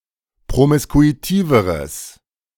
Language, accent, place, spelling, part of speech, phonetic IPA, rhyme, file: German, Germany, Berlin, promiskuitiveres, adjective, [pʁomɪskuiˈtiːvəʁəs], -iːvəʁəs, De-promiskuitiveres.ogg
- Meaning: strong/mixed nominative/accusative neuter singular comparative degree of promiskuitiv